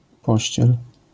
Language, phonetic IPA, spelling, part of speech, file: Polish, [ˈpɔɕt͡ɕɛl], pościel, noun / verb, LL-Q809 (pol)-pościel.wav